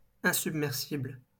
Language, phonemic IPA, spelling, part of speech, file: French, /ɛ̃.syb.mɛʁ.sibl/, insubmersible, adjective, LL-Q150 (fra)-insubmersible.wav
- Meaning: unsinkable